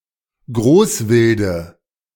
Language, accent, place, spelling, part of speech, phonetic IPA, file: German, Germany, Berlin, Großwilde, noun, [ˈɡʁoːsˌvɪldə], De-Großwilde.ogg
- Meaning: dative singular of Großwild